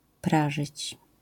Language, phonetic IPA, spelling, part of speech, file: Polish, [ˈpraʒɨt͡ɕ], prażyć, verb, LL-Q809 (pol)-prażyć.wav